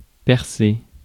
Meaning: 1. to pierce 2. to make it, to have one's breakthrough
- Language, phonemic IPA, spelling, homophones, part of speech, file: French, /pɛʁ.se/, percer, percé / percée / percées / percés / Persé / Persée, verb, Fr-percer.ogg